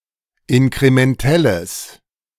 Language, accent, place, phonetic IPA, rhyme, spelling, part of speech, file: German, Germany, Berlin, [ɪnkʁemɛnˈtɛləs], -ɛləs, inkrementelles, adjective, De-inkrementelles.ogg
- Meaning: strong/mixed nominative/accusative neuter singular of inkrementell